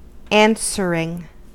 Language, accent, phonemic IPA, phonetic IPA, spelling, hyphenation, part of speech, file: English, US, /ˈæn.sə.ɹɪŋ/, [ˈɛən.sə.ɹɪŋ], answering, an‧swer‧ing, verb / noun, En-us-answering.ogg
- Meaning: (verb) present participle and gerund of answer; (noun) The act of giving an answer